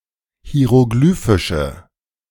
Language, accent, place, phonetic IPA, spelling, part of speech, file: German, Germany, Berlin, [hi̯eʁoˈɡlyːfɪʃə], hieroglyphische, adjective, De-hieroglyphische.ogg
- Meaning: inflection of hieroglyphisch: 1. strong/mixed nominative/accusative feminine singular 2. strong nominative/accusative plural 3. weak nominative all-gender singular